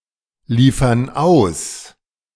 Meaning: inflection of ausliefern: 1. first/third-person plural present 2. first/third-person plural subjunctive I
- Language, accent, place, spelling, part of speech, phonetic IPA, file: German, Germany, Berlin, liefern aus, verb, [ˌliːfɐn ˈaʊ̯s], De-liefern aus.ogg